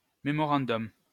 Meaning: memorandum (short note serving as a reminder)
- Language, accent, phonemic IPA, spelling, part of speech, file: French, France, /me.mɔ.ʁɑ̃.dɔm/, mémorandum, noun, LL-Q150 (fra)-mémorandum.wav